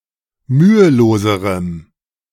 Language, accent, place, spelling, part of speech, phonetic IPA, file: German, Germany, Berlin, müheloserem, adjective, [ˈmyːəˌloːzəʁəm], De-müheloserem.ogg
- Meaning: strong dative masculine/neuter singular comparative degree of mühelos